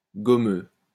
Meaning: 1. gummy 2. stylish, dandy
- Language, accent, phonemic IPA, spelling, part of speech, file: French, France, /ɡɔ.mø/, gommeux, adjective, LL-Q150 (fra)-gommeux.wav